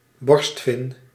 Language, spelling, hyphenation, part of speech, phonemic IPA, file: Dutch, borstvin, borst‧vin, noun, /ˈbɔrst.fɪn/, Nl-borstvin.ogg
- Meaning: pectoral fin